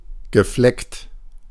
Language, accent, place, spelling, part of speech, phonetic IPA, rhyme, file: German, Germany, Berlin, gefleckt, adjective / verb, [ɡəˈflɛkt], -ɛkt, De-gefleckt.ogg
- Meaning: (verb) past participle of flecken; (adjective) 1. mottled, pied 2. pinto